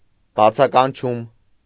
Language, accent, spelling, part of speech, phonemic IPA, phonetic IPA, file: Armenian, Eastern Armenian, բացականչում, noun, /bɑt͡sʰɑkɑnˈt͡ʃʰum/, [bɑt͡sʰɑkɑnt͡ʃʰúm], Hy-բացականչում.ogg
- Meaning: exclamation